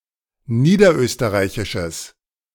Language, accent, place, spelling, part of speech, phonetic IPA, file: German, Germany, Berlin, niederösterreichisches, adjective, [ˈniːdɐˌʔøːstəʁaɪ̯çɪʃəs], De-niederösterreichisches.ogg
- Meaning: strong/mixed nominative/accusative neuter singular of niederösterreichisch